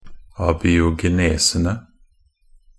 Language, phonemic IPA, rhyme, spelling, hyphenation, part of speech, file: Norwegian Bokmål, /abiːʊɡɛˈneːsənə/, -ənə, abiogenesene, a‧bi‧o‧ge‧ne‧se‧ne, noun, Nb-abiogenesene.ogg
- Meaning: definite plural of abiogenese